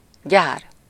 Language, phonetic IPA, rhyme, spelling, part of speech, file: Hungarian, [ˈɟaːr], -aːr, gyár, noun, Hu-gyár.ogg
- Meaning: plant (factory or industrial facility)